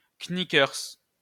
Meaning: knickerbockers
- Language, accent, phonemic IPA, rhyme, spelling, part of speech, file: French, France, /(k)ni.kœʁ/, -œʁ, knickers, noun, LL-Q150 (fra)-knickers.wav